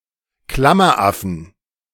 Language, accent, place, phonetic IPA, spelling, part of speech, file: German, Germany, Berlin, [ˈklamɐʔafn̩], Klammeraffen, noun, De-Klammeraffen.ogg
- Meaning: 1. genitive singular of Klammeraffe 2. plural of Klammeraffe